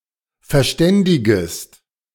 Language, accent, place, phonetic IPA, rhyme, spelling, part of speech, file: German, Germany, Berlin, [fɛɐ̯ˈʃtɛndɪɡəst], -ɛndɪɡəst, verständigest, verb, De-verständigest.ogg
- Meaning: second-person singular subjunctive I of verständigen